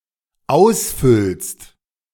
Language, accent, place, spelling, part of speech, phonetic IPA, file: German, Germany, Berlin, ausfüllst, verb, [ˈaʊ̯sˌfʏlst], De-ausfüllst.ogg
- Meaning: second-person singular dependent present of ausfüllen